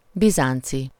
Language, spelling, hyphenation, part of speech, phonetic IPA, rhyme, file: Hungarian, bizánci, bi‧zán‧ci, adjective / noun, [ˈbizaːnt͡si], -t͡si, Hu-bizánci.ogg
- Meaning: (adjective) Byzantine; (noun) Byzantine (person belonging to the civilization of the Eastern-Roman empire)